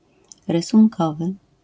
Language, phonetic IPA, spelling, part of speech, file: Polish, [ˌrɨsũŋˈkɔvɨ], rysunkowy, adjective, LL-Q809 (pol)-rysunkowy.wav